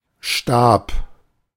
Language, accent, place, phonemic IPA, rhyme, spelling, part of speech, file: German, Germany, Berlin, /ʃtaːp/, -aːp, Stab, noun, De-Stab.ogg
- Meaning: 1. rod, staff, baton 2. staff (employees) 3. palet